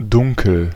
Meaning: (adjective) 1. dark 2. deep 3. vague, faint; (verb) inflection of dunkeln: 1. first-person singular present 2. singular imperative
- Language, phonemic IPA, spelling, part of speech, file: German, /ˈdʊŋkəl/, dunkel, adjective / verb, De-dunkel.ogg